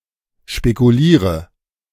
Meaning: inflection of spekulieren: 1. first-person singular present 2. first/third-person singular subjunctive I 3. singular imperative
- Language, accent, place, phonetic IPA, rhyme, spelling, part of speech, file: German, Germany, Berlin, [ʃpekuˈliːʁə], -iːʁə, spekuliere, verb, De-spekuliere.ogg